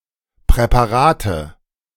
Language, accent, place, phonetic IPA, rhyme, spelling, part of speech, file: German, Germany, Berlin, [pʁɛpaˈʁaːtə], -aːtə, Präparate, noun, De-Präparate.ogg
- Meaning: nominative/accusative/genitive plural of Präparat